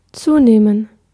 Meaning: 1. to increase 2. to gain weight
- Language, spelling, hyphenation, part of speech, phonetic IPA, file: German, zunehmen, zu‧neh‧men, verb, [ˈtsuːneːmən], De-zunehmen.ogg